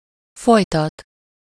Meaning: causative of folyik: to continue
- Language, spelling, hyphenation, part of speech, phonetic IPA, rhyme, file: Hungarian, folytat, foly‧tat, verb, [ˈfojtɒt], -ɒt, Hu-folytat.ogg